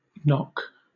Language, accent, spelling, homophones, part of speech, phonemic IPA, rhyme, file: English, Southern England, nock, knock, noun / verb / interjection, /nɒk/, -ɒk, LL-Q1860 (eng)-nock.wav
- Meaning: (noun) 1. Either of the two grooves in a bow that hold the bowstring 2. The notch at the rear of an arrow that fits on the bowstring 3. The upper fore corner of a boom sail or trysail